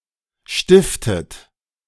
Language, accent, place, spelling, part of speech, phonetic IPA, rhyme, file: German, Germany, Berlin, stiftet, verb, [ˈʃtɪftət], -ɪftət, De-stiftet.ogg
- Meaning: inflection of stiften: 1. third-person singular present 2. second-person plural present 3. second-person plural subjunctive I 4. plural imperative